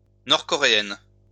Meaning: feminine singular of nord-coréen
- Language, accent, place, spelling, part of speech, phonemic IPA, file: French, France, Lyon, nord-coréenne, adjective, /nɔʁ.kɔ.ʁe.ɛn/, LL-Q150 (fra)-nord-coréenne.wav